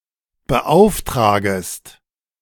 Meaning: second-person singular subjunctive I of beauftragen
- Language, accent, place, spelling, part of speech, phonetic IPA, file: German, Germany, Berlin, beauftragest, verb, [bəˈʔaʊ̯fˌtʁaːɡəst], De-beauftragest.ogg